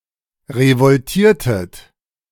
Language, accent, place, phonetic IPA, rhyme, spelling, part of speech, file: German, Germany, Berlin, [ʁəvɔlˈtiːɐ̯tət], -iːɐ̯tət, revoltiertet, verb, De-revoltiertet.ogg
- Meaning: inflection of revoltieren: 1. second-person plural preterite 2. second-person plural subjunctive II